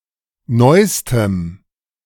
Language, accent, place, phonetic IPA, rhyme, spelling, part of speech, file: German, Germany, Berlin, [ˈnɔɪ̯stəm], -ɔɪ̯stəm, neustem, adjective, De-neustem.ogg
- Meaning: strong dative masculine/neuter singular superlative degree of neu